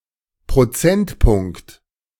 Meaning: percentage point
- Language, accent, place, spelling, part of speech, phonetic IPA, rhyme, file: German, Germany, Berlin, Prozentpunkt, noun, [pʁoˈt͡sɛntˌpʊŋkt], -ɛntpʊŋkt, De-Prozentpunkt.ogg